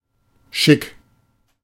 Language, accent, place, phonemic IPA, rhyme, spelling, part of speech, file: German, Germany, Berlin, /ʃɪk/, -ɪk, schick, adjective / verb, De-schick.ogg
- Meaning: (adjective) elegant, dressy; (verb) imperative of schicken